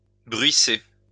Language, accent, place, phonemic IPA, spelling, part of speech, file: French, France, Lyon, /bʁɥi.se/, bruisser, verb, LL-Q150 (fra)-bruisser.wav
- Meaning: alternative form of bruire